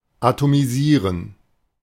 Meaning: to atomize
- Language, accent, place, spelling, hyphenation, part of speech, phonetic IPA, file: German, Germany, Berlin, atomisieren, a‧to‧mi‧sie‧ren, verb, [ʔatomiˈziːʁən], De-atomisieren.ogg